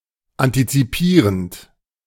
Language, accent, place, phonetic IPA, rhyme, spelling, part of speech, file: German, Germany, Berlin, [ˌantit͡siˈpiːʁənt], -iːʁənt, antizipierend, verb, De-antizipierend.ogg
- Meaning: present participle of antizipieren